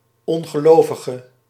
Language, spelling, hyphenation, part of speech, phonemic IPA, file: Dutch, ongelovige, on‧ge‧lo‧vi‧ge, noun / adjective, /ˌɔŋ.ɣəˈloː.və.ɣə/, Nl-ongelovige.ogg
- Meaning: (noun) 1. a non-believer 2. an infidel; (adjective) inflection of ongelovig: 1. masculine/feminine singular attributive 2. definite neuter singular attributive 3. plural attributive